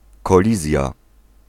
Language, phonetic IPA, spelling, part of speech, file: Polish, [kɔˈlʲizʲja], kolizja, noun, Pl-kolizja.ogg